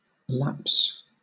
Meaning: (noun) 1. A temporary failure; a slip 2. A decline or fall in standards 3. A pause in continuity 4. An interval of time between events 5. A termination of a right etc., through disuse or neglect
- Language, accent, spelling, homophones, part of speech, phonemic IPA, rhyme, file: English, Southern England, lapse, laps, noun / verb, /læps/, -æps, LL-Q1860 (eng)-lapse.wav